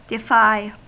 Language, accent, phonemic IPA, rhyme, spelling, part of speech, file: English, US, /dɪˈfaɪ/, -aɪ, defy, verb / noun, En-us-defy.ogg
- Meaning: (verb) 1. To challenge (someone) or brave (a hazard or opposition) 2. To refuse to obey 3. To not conform to or follow a pattern, set of rules or expectations